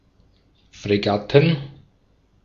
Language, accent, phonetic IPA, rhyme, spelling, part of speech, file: German, Austria, [fʁeˈɡatn̩], -atn̩, Fregatten, noun, De-at-Fregatten.ogg
- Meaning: plural of Fregatte